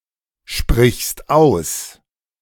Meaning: second-person singular present of aussprechen
- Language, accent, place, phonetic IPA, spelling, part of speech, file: German, Germany, Berlin, [ˌʃpʁɪçst ˈaʊ̯s], sprichst aus, verb, De-sprichst aus.ogg